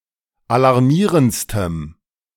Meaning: strong dative masculine/neuter singular superlative degree of alarmierend
- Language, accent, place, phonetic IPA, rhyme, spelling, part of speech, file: German, Germany, Berlin, [alaʁˈmiːʁənt͡stəm], -iːʁənt͡stəm, alarmierendstem, adjective, De-alarmierendstem.ogg